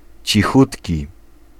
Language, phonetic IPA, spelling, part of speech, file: Polish, [t͡ɕiˈxutʲci], cichutki, adjective, Pl-cichutki.ogg